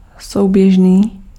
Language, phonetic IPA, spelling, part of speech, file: Czech, [ˈsou̯bjɛʒniː], souběžný, adjective, Cs-souběžný.ogg
- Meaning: concurrent